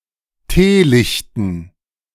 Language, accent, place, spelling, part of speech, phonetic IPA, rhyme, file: German, Germany, Berlin, Teelichten, noun, [ˈteːˌlɪçtn̩], -eːlɪçtn̩, De-Teelichten.ogg
- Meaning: dative plural of Teelicht